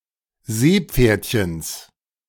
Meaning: genitive singular of Seepferdchen
- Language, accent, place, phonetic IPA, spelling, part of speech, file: German, Germany, Berlin, [ˈzeːˌp͡feːɐ̯tçəns], Seepferdchens, noun, De-Seepferdchens.ogg